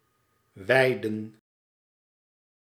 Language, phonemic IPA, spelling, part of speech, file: Dutch, /ʋɛi̯də(n)/, wijden, verb, Nl-wijden.ogg
- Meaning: 1. to dedicate, devote 2. to inaugurate 3. to bless, sanctify